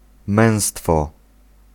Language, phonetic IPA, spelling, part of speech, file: Polish, [ˈmɛ̃w̃stfɔ], męstwo, noun, Pl-męstwo.ogg